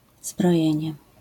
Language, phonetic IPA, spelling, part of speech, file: Polish, [zbrɔˈjɛ̇̃ɲɛ], zbrojenie, noun, LL-Q809 (pol)-zbrojenie.wav